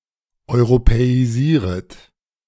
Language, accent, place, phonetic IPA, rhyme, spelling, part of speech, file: German, Germany, Berlin, [ɔɪ̯ʁopɛiˈziːʁət], -iːʁət, europäisieret, verb, De-europäisieret.ogg
- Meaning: second-person plural subjunctive I of europäisieren